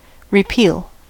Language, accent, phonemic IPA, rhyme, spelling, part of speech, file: English, US, /ɹəˈpiːl/, -iːl, repeal, verb / noun, En-us-repeal.ogg
- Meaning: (verb) 1. To cancel, invalidate, annul 2. To recall; to summon (a person) again; to bring (a person) back from exile or banishment 3. To suppress; to repel; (noun) An act or instance of repealing